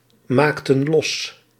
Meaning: inflection of losmaken: 1. plural past indicative 2. plural past subjunctive
- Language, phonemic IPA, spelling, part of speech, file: Dutch, /ˈmaktə(n) ˈlɔs/, maakten los, verb, Nl-maakten los.ogg